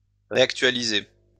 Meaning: 1. to revive 2. to update, bring up to date
- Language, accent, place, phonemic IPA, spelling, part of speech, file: French, France, Lyon, /ʁe.ak.tɥa.li.ze/, réactualiser, verb, LL-Q150 (fra)-réactualiser.wav